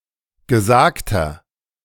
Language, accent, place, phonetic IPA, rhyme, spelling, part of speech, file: German, Germany, Berlin, [ɡəˈzaːktɐ], -aːktɐ, gesagter, adjective, De-gesagter.ogg
- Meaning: inflection of gesagt: 1. strong/mixed nominative masculine singular 2. strong genitive/dative feminine singular 3. strong genitive plural